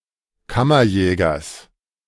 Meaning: genitive singular of Kammerjäger
- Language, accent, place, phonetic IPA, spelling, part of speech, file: German, Germany, Berlin, [ˈkamɐˌjɛːɡɐs], Kammerjägers, noun, De-Kammerjägers.ogg